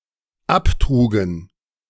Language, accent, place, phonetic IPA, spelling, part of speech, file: German, Germany, Berlin, [ˈapˌtʁuːɡn̩], abtrugen, verb, De-abtrugen.ogg
- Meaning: first/third-person plural dependent preterite of abtragen